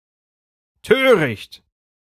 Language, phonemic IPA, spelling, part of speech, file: German, /ˈtøːʁɪçt/, töricht, adjective, De-töricht.ogg
- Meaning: foolish